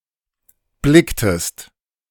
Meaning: inflection of blicken: 1. second-person singular preterite 2. second-person singular subjunctive II
- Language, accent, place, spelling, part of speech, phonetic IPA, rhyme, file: German, Germany, Berlin, blicktest, verb, [ˈblɪktəst], -ɪktəst, De-blicktest.ogg